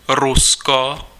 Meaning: Russia (a transcontinental country in Eastern Europe and North Asia; official name: Ruská federace)
- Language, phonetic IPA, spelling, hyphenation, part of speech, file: Czech, [ˈrusko], Rusko, Ru‧s‧ko, proper noun, Cs-Rusko.ogg